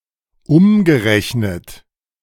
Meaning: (verb) past participle of umrechnen; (adjective) equivalent (in another currency)
- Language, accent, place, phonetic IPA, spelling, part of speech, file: German, Germany, Berlin, [ˈʊmɡəˌʁɛçnət], umgerechnet, adjective / verb, De-umgerechnet.ogg